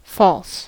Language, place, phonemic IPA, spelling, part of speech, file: English, California, /fɔls/, false, adjective / verb / adverb / noun, En-us-false.ogg
- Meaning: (adjective) 1. Untrue, not factual, factually incorrect 2. Based on factually incorrect premises 3. Spurious, artificial 4. Of a state in Boolean logic that indicates a negative result